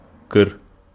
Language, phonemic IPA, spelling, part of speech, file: Wolof, /kər/, kër, noun, Wo-kër.ogg
- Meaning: house